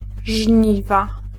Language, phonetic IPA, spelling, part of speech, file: Polish, [ˈʒʲɲiva], żniwa, noun, Pl-żniwa.ogg